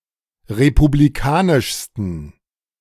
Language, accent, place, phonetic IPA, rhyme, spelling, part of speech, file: German, Germany, Berlin, [ʁepubliˈkaːnɪʃstn̩], -aːnɪʃstn̩, republikanischsten, adjective, De-republikanischsten.ogg
- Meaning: 1. superlative degree of republikanisch 2. inflection of republikanisch: strong genitive masculine/neuter singular superlative degree